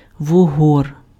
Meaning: 1. eel 2. blackhead, acne, pimple
- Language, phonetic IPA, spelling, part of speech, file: Ukrainian, [wʊˈɦɔr], вугор, noun, Uk-вугор.ogg